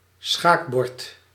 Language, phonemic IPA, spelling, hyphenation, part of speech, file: Dutch, /ˈsxaːk.bɔrt/, schaakbord, schaak‧bord, noun, Nl-schaakbord.ogg
- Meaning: chessboard